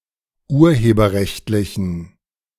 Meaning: inflection of urheberrechtlich: 1. strong genitive masculine/neuter singular 2. weak/mixed genitive/dative all-gender singular 3. strong/weak/mixed accusative masculine singular
- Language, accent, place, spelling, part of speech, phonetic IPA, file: German, Germany, Berlin, urheberrechtlichen, adjective, [ˈuːɐ̯heːbɐˌʁɛçtlɪçn̩], De-urheberrechtlichen.ogg